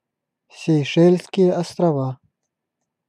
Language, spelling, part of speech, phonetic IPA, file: Russian, Сейшельские острова, proper noun, [sʲɪjˈʂɛlʲskʲɪje ɐstrɐˈva], Ru-Сейшельские острова.ogg
- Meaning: Seychelles (a country and archipelago of East Africa in the Indian Ocean)